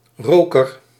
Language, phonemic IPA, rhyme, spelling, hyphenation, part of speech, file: Dutch, /ˈroː.kər/, -oːkər, roker, ro‧ker, noun, Nl-roker.ogg
- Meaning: smoker, one who smokes